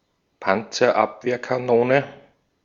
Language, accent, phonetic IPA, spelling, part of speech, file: German, Austria, [ˌpant͡sɐˈʔapveːɐ̯kaˌnoːnə], Panzerabwehrkanone, noun, De-at-Panzerabwehrkanone.ogg
- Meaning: antitank gun